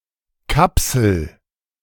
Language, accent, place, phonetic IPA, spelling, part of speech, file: German, Germany, Berlin, [ˈkapsl̩], kapsel, verb, De-kapsel.ogg
- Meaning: inflection of kapseln: 1. first-person singular present 2. singular imperative